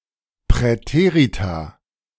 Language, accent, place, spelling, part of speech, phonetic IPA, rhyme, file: German, Germany, Berlin, Präterita, noun, [pʁɛˈteːʁita], -eːʁita, De-Präterita.ogg
- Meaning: plural of Präteritum